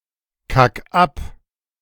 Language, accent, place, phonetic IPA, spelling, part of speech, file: German, Germany, Berlin, [ˌkak ˈap], kack ab, verb, De-kack ab.ogg
- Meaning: 1. singular imperative of abkacken 2. first-person singular present of abkacken